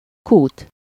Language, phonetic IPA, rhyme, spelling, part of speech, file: Hungarian, [ˈkuːt], -uːt, kút, noun, Hu-kút.ogg
- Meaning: 1. well (a hole sunk into the ground as a source of water, oil) 2. pump, fountain (an equipment providing water) 3. filling station (facility which sells fuel and lubricants for motor vehicles)